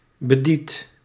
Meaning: 1. meaning 2. explanation, exposition
- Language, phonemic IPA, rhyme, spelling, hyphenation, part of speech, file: Dutch, /bəˈdit/, -it, bedied, be‧died, noun, Nl-bedied.ogg